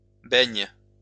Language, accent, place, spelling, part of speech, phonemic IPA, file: French, France, Lyon, baignes, verb, /bɛɲ/, LL-Q150 (fra)-baignes.wav
- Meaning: second-person singular present indicative/subjunctive of baigner